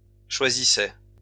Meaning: first/second-person singular imperfect indicative of choisir
- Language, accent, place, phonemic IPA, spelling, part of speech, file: French, France, Lyon, /ʃwa.zi.sɛ/, choisissais, verb, LL-Q150 (fra)-choisissais.wav